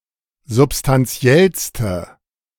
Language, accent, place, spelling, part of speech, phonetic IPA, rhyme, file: German, Germany, Berlin, substantiellste, adjective, [zʊpstanˈt͡si̯ɛlstə], -ɛlstə, De-substantiellste.ogg
- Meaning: inflection of substantiell: 1. strong/mixed nominative/accusative feminine singular superlative degree 2. strong nominative/accusative plural superlative degree